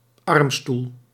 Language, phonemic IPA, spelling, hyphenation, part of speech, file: Dutch, /ˈɑrm.stul/, armstoel, arm‧stoel, noun, Nl-armstoel.ogg
- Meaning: armchair (chair with armrests)